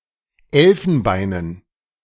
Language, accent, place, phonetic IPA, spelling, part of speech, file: German, Germany, Berlin, [ˈɛlfn̩ˌbaɪ̯nən], Elfenbeinen, noun, De-Elfenbeinen.ogg
- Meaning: dative plural of Elfenbein